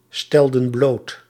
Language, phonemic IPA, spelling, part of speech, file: Dutch, /ˈstɛldə(n) ˈblot/, stelden bloot, verb, Nl-stelden bloot.ogg
- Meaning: inflection of blootstellen: 1. plural past indicative 2. plural past subjunctive